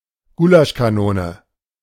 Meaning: field kitchen; a trailer that provides food to army troops
- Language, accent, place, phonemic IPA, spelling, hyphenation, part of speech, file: German, Germany, Berlin, /ˈɡuːlaʃkaˌnoːnə/, Gulaschkanone, Gu‧lasch‧ka‧no‧ne, noun, De-Gulaschkanone.ogg